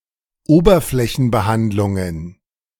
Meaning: plural of Oberflächenbehandlung
- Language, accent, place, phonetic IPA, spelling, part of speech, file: German, Germany, Berlin, [ˈoːbɐflɛçn̩bəˌhantlʊŋən], Oberflächenbehandlungen, noun, De-Oberflächenbehandlungen.ogg